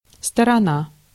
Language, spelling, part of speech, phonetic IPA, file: Russian, сторона, noun, [stərɐˈna], Ru-сторона.ogg
- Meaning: 1. side, hand, party 2. direction, quarter 3. place, region, country 4. distance